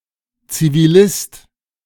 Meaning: civilian
- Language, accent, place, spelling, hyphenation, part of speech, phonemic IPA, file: German, Germany, Berlin, Zivilist, Zi‧vi‧list, noun, /ˌt͡siviˈlɪst/, De-Zivilist.ogg